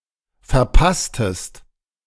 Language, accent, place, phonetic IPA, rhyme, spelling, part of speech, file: German, Germany, Berlin, [fɛɐ̯ˈpastəst], -astəst, verpasstest, verb, De-verpasstest.ogg
- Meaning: inflection of verpassen: 1. second-person singular preterite 2. second-person singular subjunctive II